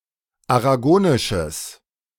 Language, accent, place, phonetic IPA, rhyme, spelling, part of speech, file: German, Germany, Berlin, [aʁaˈɡoːnɪʃəs], -oːnɪʃəs, aragonisches, adjective, De-aragonisches.ogg
- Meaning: strong/mixed nominative/accusative neuter singular of aragonisch